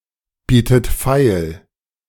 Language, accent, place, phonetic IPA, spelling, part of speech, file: German, Germany, Berlin, [ˌbiːtət ˈfaɪ̯l], bietet feil, verb, De-bietet feil.ogg
- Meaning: second-person plural subjunctive I of feilbieten